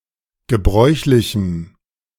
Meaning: strong dative masculine/neuter singular of gebräuchlich
- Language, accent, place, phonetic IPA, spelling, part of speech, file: German, Germany, Berlin, [ɡəˈbʁɔɪ̯çlɪçm̩], gebräuchlichem, adjective, De-gebräuchlichem.ogg